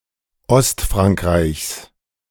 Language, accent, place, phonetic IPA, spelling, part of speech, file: German, Germany, Berlin, [ˈɔstfʁaŋkˌʁaɪ̯çs], Ostfrankreichs, noun, De-Ostfrankreichs.ogg
- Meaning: genitive singular of Ostfrankreich